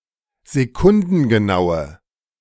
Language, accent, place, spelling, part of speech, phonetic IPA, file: German, Germany, Berlin, sekundengenaue, adjective, [zeˈkʊndn̩ɡəˌnaʊ̯ə], De-sekundengenaue.ogg
- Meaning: inflection of sekundengenau: 1. strong/mixed nominative/accusative feminine singular 2. strong nominative/accusative plural 3. weak nominative all-gender singular